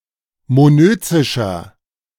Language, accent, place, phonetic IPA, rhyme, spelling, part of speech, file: German, Germany, Berlin, [moˈnøːt͡sɪʃɐ], -øːt͡sɪʃɐ, monözischer, adjective, De-monözischer.ogg
- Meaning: inflection of monözisch: 1. strong/mixed nominative masculine singular 2. strong genitive/dative feminine singular 3. strong genitive plural